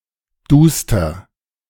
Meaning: alternative form of düster
- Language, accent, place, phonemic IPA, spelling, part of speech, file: German, Germany, Berlin, /ˈduːstɐ/, duster, adjective, De-duster.ogg